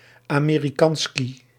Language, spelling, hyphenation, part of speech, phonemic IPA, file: Dutch, Amerikanski, Ame‧ri‧kan‧ski, noun, /ˌaː.meː.riˈkɑn.ski/, Nl-Amerikanski.ogg
- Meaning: Americansky, Yank, Yankee (stereotypical Slavic term of abuse for an American, e.g. attributed to Soviets)